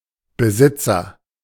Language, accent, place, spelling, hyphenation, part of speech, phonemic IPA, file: German, Germany, Berlin, Besitzer, Be‧sit‧zer, noun, /bəˈzɪtsɐ/, De-Besitzer.ogg
- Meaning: agent noun of besitzen; owner (one who owns)